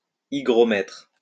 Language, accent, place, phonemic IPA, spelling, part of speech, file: French, France, Lyon, /i.ɡʁɔ.mɛtʁ/, hygromètre, noun, LL-Q150 (fra)-hygromètre.wav
- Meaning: hygrometer